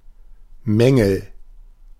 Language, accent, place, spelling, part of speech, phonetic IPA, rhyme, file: German, Germany, Berlin, Mängel, noun, [ˈmɛŋl̩], -ɛŋl̩, De-Mängel.ogg
- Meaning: nominative/accusative/genitive plural of Mangel